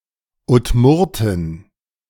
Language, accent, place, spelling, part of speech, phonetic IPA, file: German, Germany, Berlin, Udmurtin, noun, [ʊtˈmʊʁtɪn], De-Udmurtin.ogg
- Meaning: Udmurt (woman from the Udmurtia region)